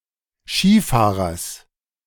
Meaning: genitive of Skifahrer
- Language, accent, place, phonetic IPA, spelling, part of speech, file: German, Germany, Berlin, [ˈʃiːˌfaːʁɐs], Skifahrers, noun, De-Skifahrers.ogg